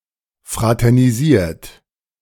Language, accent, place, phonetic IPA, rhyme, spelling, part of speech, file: German, Germany, Berlin, [ˌfʁatɛʁniˈziːɐ̯t], -iːɐ̯t, fraternisiert, verb, De-fraternisiert.ogg
- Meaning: 1. past participle of fraternisieren 2. inflection of fraternisieren: third-person singular present 3. inflection of fraternisieren: second-person plural present